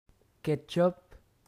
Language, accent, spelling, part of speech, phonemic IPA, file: French, Quebec, ketchup, noun, /kɛt.ʃɔp/, Qc-ketchup.ogg
- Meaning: ketchup